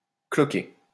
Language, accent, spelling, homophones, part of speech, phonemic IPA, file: French, France, cloquer, cloqué / cloquée / cloquées / cloqués, verb, /klɔ.ke/, LL-Q150 (fra)-cloquer.wav
- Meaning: 1. to blister (get blisters) 2. to blister (raise blisters) 3. to emboss (a textile)